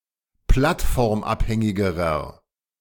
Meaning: inflection of plattformabhängig: 1. strong/mixed nominative masculine singular comparative degree 2. strong genitive/dative feminine singular comparative degree
- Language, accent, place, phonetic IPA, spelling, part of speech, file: German, Germany, Berlin, [ˈplatfɔʁmˌʔaphɛŋɪɡəʁɐ], plattformabhängigerer, adjective, De-plattformabhängigerer.ogg